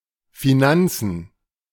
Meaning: plural of Finanz
- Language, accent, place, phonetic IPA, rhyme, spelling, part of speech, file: German, Germany, Berlin, [fiˈnant͡sn̩], -ant͡sn̩, Finanzen, noun, De-Finanzen.ogg